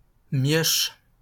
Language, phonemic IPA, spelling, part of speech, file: French, /mjɔʃ/, mioche, noun, LL-Q150 (fra)-mioche.wav
- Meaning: kid, nipper; brat